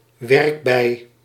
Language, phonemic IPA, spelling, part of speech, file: Dutch, /ˈʋɛrk.bɛi̯/, werkbij, noun, Nl-werkbij.ogg
- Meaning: 1. worker bee 2. a woman that works hard